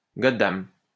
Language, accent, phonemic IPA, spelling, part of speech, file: French, France, /ɡɔ.dam/, goddam, noun, LL-Q150 (fra)-goddam.wav
- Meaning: an English person